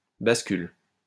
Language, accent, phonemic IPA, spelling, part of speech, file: French, France, /bas.kyl/, bascule, noun / verb, LL-Q150 (fra)-bascule.wav
- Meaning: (noun) 1. seesaw 2. flip-flop; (verb) inflection of basculer: 1. first/third-person singular present indicative/subjunctive 2. second-person singular imperative